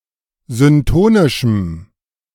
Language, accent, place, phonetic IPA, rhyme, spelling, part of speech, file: German, Germany, Berlin, [zʏnˈtoːnɪʃm̩], -oːnɪʃm̩, syntonischem, adjective, De-syntonischem.ogg
- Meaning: strong dative masculine/neuter singular of syntonisch